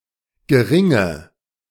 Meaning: inflection of gering: 1. strong/mixed nominative/accusative feminine singular 2. strong nominative/accusative plural 3. weak nominative all-gender singular 4. weak accusative feminine/neuter singular
- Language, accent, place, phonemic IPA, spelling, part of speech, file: German, Germany, Berlin, /ɡəˈʁɪŋə/, geringe, adjective, De-geringe.ogg